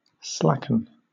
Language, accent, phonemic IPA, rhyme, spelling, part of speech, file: English, Southern England, /ˈslæ.kən/, -ækən, slacken, verb, LL-Q1860 (eng)-slacken.wav
- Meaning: 1. To gradually decrease in intensity or tautness; to become slack; to lag 2. To make slack, less taut, or less intense 3. To deprive of cohesion by combining chemically with water; to slake